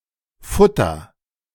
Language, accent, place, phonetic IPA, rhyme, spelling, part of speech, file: German, Germany, Berlin, [ˈfʊtɐ], -ʊtɐ, futter, verb, De-futter.ogg
- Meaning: inflection of futtern: 1. first-person singular present 2. singular imperative